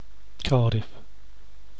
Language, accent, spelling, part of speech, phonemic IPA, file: English, UK, Cardiff, proper noun, /ˈkɑːdɪf/, En-uk-Cardiff.ogg
- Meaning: 1. A city and county, the capital and largest city of Wales 2. The Welsh government 3. A suburb of Newcastle in the City of Lake Macquarie, New South Wales, Australia